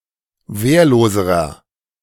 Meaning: inflection of wehrlos: 1. strong/mixed nominative masculine singular comparative degree 2. strong genitive/dative feminine singular comparative degree 3. strong genitive plural comparative degree
- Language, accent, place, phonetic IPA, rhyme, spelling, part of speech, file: German, Germany, Berlin, [ˈveːɐ̯loːzəʁɐ], -eːɐ̯loːzəʁɐ, wehrloserer, adjective, De-wehrloserer.ogg